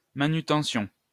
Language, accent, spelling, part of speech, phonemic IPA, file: French, France, manutention, noun, /ma.ny.tɑ̃.sjɔ̃/, LL-Q150 (fra)-manutention.wav
- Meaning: 1. maintenance; manutention 2. handling 3. storehouse, depot